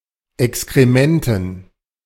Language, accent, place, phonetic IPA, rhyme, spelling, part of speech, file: German, Germany, Berlin, [ɛkskʁeˈmɛntn̩], -ɛntn̩, Exkrementen, noun, De-Exkrementen.ogg
- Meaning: dative plural of Exkrement